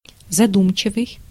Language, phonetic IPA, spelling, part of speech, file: Russian, [zɐˈdumt͡ɕɪvɨj], задумчивый, adjective, Ru-задумчивый.ogg
- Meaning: pensive, thoughtful (having the appearance of thinking)